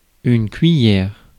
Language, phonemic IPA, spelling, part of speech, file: French, /kɥi.jɛʁ/, cuillère, noun, Fr-cuillère.ogg
- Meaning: spoon